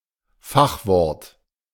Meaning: technical term
- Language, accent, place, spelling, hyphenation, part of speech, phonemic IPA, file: German, Germany, Berlin, Fachwort, Fach‧wort, noun, /ˈfaxˌvɔʁt/, De-Fachwort.ogg